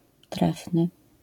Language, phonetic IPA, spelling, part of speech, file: Polish, [ˈtrɛfnɨ], trefny, adjective, LL-Q809 (pol)-trefny.wav